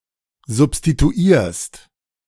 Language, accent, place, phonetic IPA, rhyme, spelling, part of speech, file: German, Germany, Berlin, [zʊpstituˈiːɐ̯st], -iːɐ̯st, substituierst, verb, De-substituierst.ogg
- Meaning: second-person singular present of substituieren